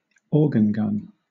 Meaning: A large, portable firearm normally supported by wheels, in which bullets may be fired from a row of several tubes in succession; it was chiefly used from the 14th to the 17th century
- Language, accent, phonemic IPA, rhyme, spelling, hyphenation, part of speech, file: English, Southern England, /ˌɔːɡ(ə)n ˈɡʌn/, -ʌn, organ gun, or‧gan gun, noun, LL-Q1860 (eng)-organ gun.wav